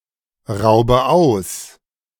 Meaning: inflection of ausrauben: 1. first-person singular present 2. first/third-person singular subjunctive I 3. singular imperative
- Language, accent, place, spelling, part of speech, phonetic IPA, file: German, Germany, Berlin, raube aus, verb, [ˌʁaʊ̯bə ˈaʊ̯s], De-raube aus.ogg